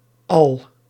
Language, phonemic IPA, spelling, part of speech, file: Dutch, /ɑl/, -al, suffix, Nl--al.ogg
- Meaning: -al